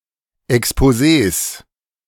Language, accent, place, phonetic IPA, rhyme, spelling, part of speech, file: German, Germany, Berlin, [ɛkspoˈzeːs], -eːs, Exposés, noun, De-Exposés.ogg
- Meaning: plural of Exposé